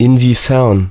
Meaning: 1. in what way, how 2. whether
- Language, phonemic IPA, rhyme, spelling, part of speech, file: German, /ɪnviːfɛʁn/, -ɛʁn, inwiefern, adverb, De-inwiefern.ogg